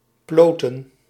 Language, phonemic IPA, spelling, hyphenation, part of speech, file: Dutch, /ˈploː.tə(n)/, ploten, plo‧ten, verb, Nl-ploten.ogg
- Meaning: to dewool (sheep skins)